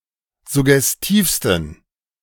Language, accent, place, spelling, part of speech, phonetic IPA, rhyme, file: German, Germany, Berlin, suggestivsten, adjective, [zʊɡɛsˈtiːfstn̩], -iːfstn̩, De-suggestivsten.ogg
- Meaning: 1. superlative degree of suggestiv 2. inflection of suggestiv: strong genitive masculine/neuter singular superlative degree